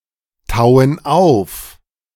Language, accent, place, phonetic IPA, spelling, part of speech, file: German, Germany, Berlin, [ˌtaʊ̯ən ˈaʊ̯f], tauen auf, verb, De-tauen auf.ogg
- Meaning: inflection of auftauen: 1. first/third-person plural present 2. first/third-person plural subjunctive I